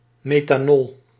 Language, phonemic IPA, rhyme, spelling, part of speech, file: Dutch, /meːtaːˈnɔl/, -ɔl, methanol, noun, Nl-methanol.ogg
- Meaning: methanol